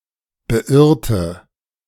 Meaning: inflection of beirren: 1. first/third-person singular preterite 2. first/third-person singular subjunctive II
- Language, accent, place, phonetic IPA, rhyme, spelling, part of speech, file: German, Germany, Berlin, [bəˈʔɪʁtə], -ɪʁtə, beirrte, adjective / verb, De-beirrte.ogg